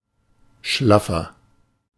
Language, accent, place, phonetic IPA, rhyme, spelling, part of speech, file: German, Germany, Berlin, [ˈʃlafɐ], -afɐ, schlaffer, adjective, De-schlaffer.ogg
- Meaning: inflection of schlaff: 1. strong/mixed nominative masculine singular 2. strong genitive/dative feminine singular 3. strong genitive plural